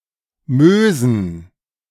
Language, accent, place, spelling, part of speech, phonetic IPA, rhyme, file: German, Germany, Berlin, Mösen, noun, [ˈmøːzn̩], -øːzn̩, De-Mösen.ogg
- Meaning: plural of Möse